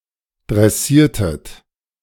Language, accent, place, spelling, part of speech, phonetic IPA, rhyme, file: German, Germany, Berlin, dressiertet, verb, [dʁɛˈsiːɐ̯tət], -iːɐ̯tət, De-dressiertet.ogg
- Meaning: inflection of dressieren: 1. second-person plural preterite 2. second-person plural subjunctive II